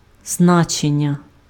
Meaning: 1. importance, significance 2. meaning, sense 3. value
- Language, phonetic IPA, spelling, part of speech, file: Ukrainian, [ˈznat͡ʃenʲːɐ], значення, noun, Uk-значення.ogg